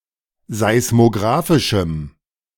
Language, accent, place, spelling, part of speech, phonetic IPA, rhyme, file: German, Germany, Berlin, seismografischem, adjective, [zaɪ̯smoˈɡʁaːfɪʃm̩], -aːfɪʃm̩, De-seismografischem.ogg
- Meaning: strong dative masculine/neuter singular of seismografisch